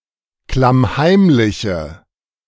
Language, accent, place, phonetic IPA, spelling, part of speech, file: German, Germany, Berlin, [klamˈhaɪ̯mlɪçə], klammheimliche, adjective, De-klammheimliche.ogg
- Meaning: inflection of klammheimlich: 1. strong/mixed nominative/accusative feminine singular 2. strong nominative/accusative plural 3. weak nominative all-gender singular